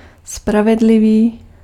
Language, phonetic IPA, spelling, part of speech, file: Czech, [ˈspravɛdlɪviː], spravedlivý, adjective, Cs-spravedlivý.ogg
- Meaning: just